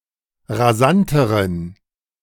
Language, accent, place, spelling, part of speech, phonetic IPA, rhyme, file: German, Germany, Berlin, rasanteren, adjective, [ʁaˈzantəʁən], -antəʁən, De-rasanteren.ogg
- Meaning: inflection of rasant: 1. strong genitive masculine/neuter singular comparative degree 2. weak/mixed genitive/dative all-gender singular comparative degree